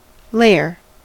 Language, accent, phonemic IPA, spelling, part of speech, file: English, US, /ˈleɪ.ɚ/, layer, noun / verb, En-us-layer.ogg
- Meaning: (noun) 1. A single thickness of some material covering a surface 2. A single thickness of some material covering a surface.: An item of clothing worn under or over another